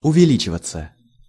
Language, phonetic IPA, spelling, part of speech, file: Russian, [ʊvʲɪˈlʲit͡ɕɪvət͡sə], увеличиваться, verb, Ru-увеличиваться.ogg
- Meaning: 1. to increase, to rise, to grow 2. passive of увели́чивать (uvelíčivatʹ)